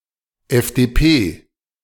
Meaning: FDP: initialism of Freie Demokratische Partei (“Free Democratic Party of Germany”)
- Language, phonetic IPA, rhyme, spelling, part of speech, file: German, [ɛfdeːˈpeː], -eː, FDP, abbreviation, De-FDP.ogg